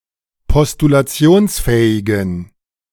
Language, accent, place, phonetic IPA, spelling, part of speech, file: German, Germany, Berlin, [pɔstulaˈt͡si̯oːnsˌfɛːɪɡn̩], postulationsfähigen, adjective, De-postulationsfähigen.ogg
- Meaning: inflection of postulationsfähig: 1. strong genitive masculine/neuter singular 2. weak/mixed genitive/dative all-gender singular 3. strong/weak/mixed accusative masculine singular